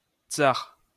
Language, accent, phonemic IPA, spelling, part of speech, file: French, France, /tsaʁ/, tzars, noun, LL-Q150 (fra)-tzars.wav
- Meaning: plural of tzar